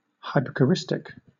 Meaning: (adjective) 1. Relating to a nickname, usually indicating intimacy with the person 2. Relating to baby talk
- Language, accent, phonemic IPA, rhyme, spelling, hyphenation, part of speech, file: English, Southern England, /ˌhaɪ.pə.kəˈɹɪs.tɪk/, -ɪstɪk, hypocoristic, hy‧po‧cor‧ist‧ic, adjective / noun, LL-Q1860 (eng)-hypocoristic.wav